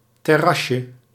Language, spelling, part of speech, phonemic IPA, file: Dutch, terrasje, noun, /tɛˈrɑʃə/, Nl-terrasje.ogg
- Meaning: 1. diminutive of terras 2. outdoor café